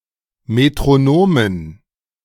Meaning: dative plural of Metronom
- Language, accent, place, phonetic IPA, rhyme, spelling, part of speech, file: German, Germany, Berlin, [metʁoˈnoːmən], -oːmən, Metronomen, noun, De-Metronomen.ogg